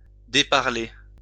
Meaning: 1. to speak nastily 2. to speak nonsense or gibberish 3. to stop talking
- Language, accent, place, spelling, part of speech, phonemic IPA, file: French, France, Lyon, déparler, verb, /de.paʁ.le/, LL-Q150 (fra)-déparler.wav